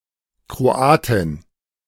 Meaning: female Croatian (female person from Croatia)
- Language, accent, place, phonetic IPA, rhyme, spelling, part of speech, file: German, Germany, Berlin, [kʁoˈaːtɪn], -aːtɪn, Kroatin, noun, De-Kroatin.ogg